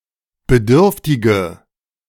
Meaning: inflection of bedürftig: 1. strong/mixed nominative/accusative feminine singular 2. strong nominative/accusative plural 3. weak nominative all-gender singular
- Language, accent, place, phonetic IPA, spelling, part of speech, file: German, Germany, Berlin, [bəˈdʏʁftɪɡə], bedürftige, adjective, De-bedürftige.ogg